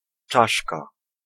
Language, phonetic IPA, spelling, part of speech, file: Polish, [ˈt͡ʃaʃka], czaszka, noun, Pl-czaszka.ogg